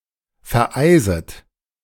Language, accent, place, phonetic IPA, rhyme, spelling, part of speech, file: German, Germany, Berlin, [fɛɐ̯ˈʔaɪ̯zət], -aɪ̯zət, vereiset, verb, De-vereiset.ogg
- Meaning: second-person plural subjunctive I of vereisen